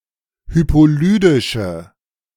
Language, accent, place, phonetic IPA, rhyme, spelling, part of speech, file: German, Germany, Berlin, [ˌhypoˈlyːdɪʃə], -yːdɪʃə, hypolydische, adjective, De-hypolydische.ogg
- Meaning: inflection of hypolydisch: 1. strong/mixed nominative/accusative feminine singular 2. strong nominative/accusative plural 3. weak nominative all-gender singular